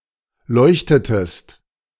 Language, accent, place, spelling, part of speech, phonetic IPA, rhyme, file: German, Germany, Berlin, leuchtetest, verb, [ˈlɔɪ̯çtətəst], -ɔɪ̯çtətəst, De-leuchtetest.ogg
- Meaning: inflection of leuchten: 1. second-person singular preterite 2. second-person singular subjunctive II